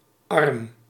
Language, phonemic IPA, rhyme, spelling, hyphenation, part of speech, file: Dutch, /ɑrm/, -ɑrm, arm, arm, noun / adjective, Nl-arm.ogg
- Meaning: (noun) 1. arm 2. branch (especially of streams and organisations); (adjective) 1. poor (not rich) 2. poor (unfortunate)